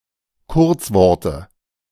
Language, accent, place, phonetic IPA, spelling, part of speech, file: German, Germany, Berlin, [ˈkʊʁt͡sˌvɔʁtə], Kurzworte, noun, De-Kurzworte.ogg
- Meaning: dative singular of Kurzwort